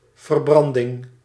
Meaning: 1. combustion 2. burn (wound)
- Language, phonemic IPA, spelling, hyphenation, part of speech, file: Dutch, /vərˈbrɑn.dɪŋ/, verbranding, ver‧bran‧ding, noun, Nl-verbranding.ogg